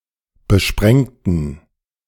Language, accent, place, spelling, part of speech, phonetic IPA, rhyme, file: German, Germany, Berlin, besprengten, adjective / verb, [bəˈʃpʁɛŋtn̩], -ɛŋtn̩, De-besprengten.ogg
- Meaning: inflection of besprengen: 1. first/third-person plural preterite 2. first/third-person plural subjunctive II